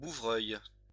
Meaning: bullfinch
- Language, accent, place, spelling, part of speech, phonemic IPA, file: French, France, Lyon, bouvreuil, noun, /bu.vʁœj/, LL-Q150 (fra)-bouvreuil.wav